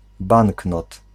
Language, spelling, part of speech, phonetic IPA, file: Polish, banknot, noun, [ˈbãŋknɔt], Pl-banknot.ogg